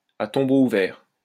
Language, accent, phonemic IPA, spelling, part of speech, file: French, France, /a tɔ̃.bo u.vɛʁ/, à tombeau ouvert, adverb, LL-Q150 (fra)-à tombeau ouvert.wav
- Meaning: at breakneck speed, hell-for-leather